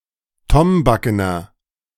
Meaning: inflection of tombaken: 1. strong/mixed nominative masculine singular 2. strong genitive/dative feminine singular 3. strong genitive plural
- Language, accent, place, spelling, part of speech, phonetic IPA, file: German, Germany, Berlin, tombakener, adjective, [ˈtɔmbakənɐ], De-tombakener.ogg